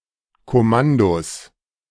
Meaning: 1. genitive singular of Kommando 2. plural of Kommando
- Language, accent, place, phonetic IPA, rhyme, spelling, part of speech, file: German, Germany, Berlin, [kɔˈmandos], -andos, Kommandos, noun, De-Kommandos.ogg